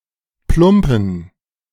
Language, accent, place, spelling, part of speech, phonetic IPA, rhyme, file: German, Germany, Berlin, plumpen, adjective, [ˈplʊmpn̩], -ʊmpn̩, De-plumpen.ogg
- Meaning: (verb) dated form of plumpsen; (adjective) inflection of plump: 1. strong genitive masculine/neuter singular 2. weak/mixed genitive/dative all-gender singular